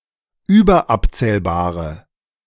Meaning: inflection of überabzählbar: 1. strong/mixed nominative/accusative feminine singular 2. strong nominative/accusative plural 3. weak nominative all-gender singular
- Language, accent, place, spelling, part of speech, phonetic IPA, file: German, Germany, Berlin, überabzählbare, adjective, [ˈyːbɐˌʔapt͡sɛːlbaːʁə], De-überabzählbare.ogg